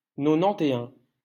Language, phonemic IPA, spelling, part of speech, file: French, /nɔ.nɑ̃.te.œ̃/, nonante-et-un, numeral, LL-Q150 (fra)-nonante-et-un.wav
- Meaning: post-1990 spelling of nonante et un